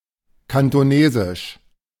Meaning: Cantonese language
- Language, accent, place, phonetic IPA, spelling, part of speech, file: German, Germany, Berlin, [ˌkantoˈneːzɪʃ], Kantonesisch, proper noun, De-Kantonesisch.ogg